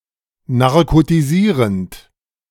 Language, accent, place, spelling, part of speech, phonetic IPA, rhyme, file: German, Germany, Berlin, narkotisierend, verb, [naʁkotiˈziːʁənt], -iːʁənt, De-narkotisierend.ogg
- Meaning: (verb) present participle of narkotisieren; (adjective) narcotic